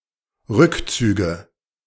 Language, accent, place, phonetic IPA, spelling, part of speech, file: German, Germany, Berlin, [ˈʁʏkˌt͡syːɡə], Rückzüge, noun, De-Rückzüge.ogg
- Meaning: nominative/accusative/genitive plural of Rückzug